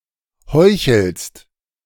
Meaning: second-person singular present of heucheln
- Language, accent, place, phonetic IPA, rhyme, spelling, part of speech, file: German, Germany, Berlin, [ˈhɔɪ̯çl̩st], -ɔɪ̯çl̩st, heuchelst, verb, De-heuchelst.ogg